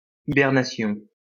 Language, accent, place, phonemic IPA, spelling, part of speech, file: French, France, Lyon, /i.bɛʁ.na.sjɔ̃/, hibernation, noun, LL-Q150 (fra)-hibernation.wav
- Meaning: hibernation